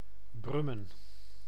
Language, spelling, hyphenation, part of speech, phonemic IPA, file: Dutch, Brummen, Brum‧men, proper noun, /ˈbrʏ.mə(n)/, Nl-Brummen.ogg
- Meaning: Brummen (a village and municipality of Gelderland, Netherlands)